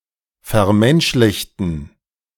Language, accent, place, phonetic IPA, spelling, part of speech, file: German, Germany, Berlin, [fɛɐ̯ˈmɛnʃlɪçtn̩], vermenschlichten, adjective / verb, De-vermenschlichten.ogg
- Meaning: inflection of vermenschlichen: 1. first/third-person plural preterite 2. first/third-person plural subjunctive II